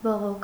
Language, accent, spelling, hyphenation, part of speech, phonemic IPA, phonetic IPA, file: Armenian, Eastern Armenian, բողոք, բո‧ղոք, noun, /boˈʁokʰ/, [boʁókʰ], Hy-բողոք.ogg
- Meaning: 1. complaint 2. protest